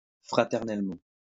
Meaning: fraternally
- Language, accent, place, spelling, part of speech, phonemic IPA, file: French, France, Lyon, fraternellement, adverb, /fʁa.tɛʁ.nɛl.mɑ̃/, LL-Q150 (fra)-fraternellement.wav